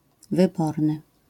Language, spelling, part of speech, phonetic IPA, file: Polish, wyborny, adjective, [vɨˈbɔrnɨ], LL-Q809 (pol)-wyborny.wav